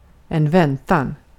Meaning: wait
- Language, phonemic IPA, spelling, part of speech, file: Swedish, /²vɛntan/, väntan, noun, Sv-väntan.ogg